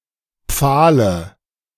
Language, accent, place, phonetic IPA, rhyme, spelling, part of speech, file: German, Germany, Berlin, [ˈp͡faːlə], -aːlə, Pfahle, noun, De-Pfahle.ogg
- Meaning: dative of Pfahl